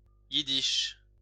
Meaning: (adjective) Yiddish; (proper noun) Yiddish (language)
- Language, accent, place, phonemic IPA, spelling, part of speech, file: French, France, Lyon, /ji.diʃ/, yiddish, adjective / proper noun, LL-Q150 (fra)-yiddish.wav